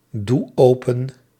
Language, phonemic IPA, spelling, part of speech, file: Dutch, /ˈdu ˈopə(n)/, doe open, verb, Nl-doe open.ogg
- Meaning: inflection of opendoen: 1. first-person singular present indicative 2. second-person singular present indicative 3. imperative 4. singular present subjunctive